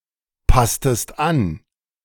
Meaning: inflection of anpassen: 1. second-person singular preterite 2. second-person singular subjunctive II
- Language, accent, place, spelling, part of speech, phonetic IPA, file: German, Germany, Berlin, passtest an, verb, [ˌpastəst ˈan], De-passtest an.ogg